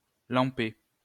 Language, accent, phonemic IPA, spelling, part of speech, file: French, France, /lɑ̃.pe/, lamper, verb, LL-Q150 (fra)-lamper.wav
- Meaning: to quaff, to swig